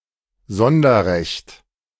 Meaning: special right, privilege
- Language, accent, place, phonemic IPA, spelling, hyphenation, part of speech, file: German, Germany, Berlin, /ˈzɔndɐˌʁɛçt/, Sonderrecht, Son‧der‧recht, noun, De-Sonderrecht.ogg